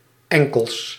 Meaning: plural of enkel
- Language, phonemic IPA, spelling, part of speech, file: Dutch, /ˈɛŋkəls/, enkels, noun, Nl-enkels.ogg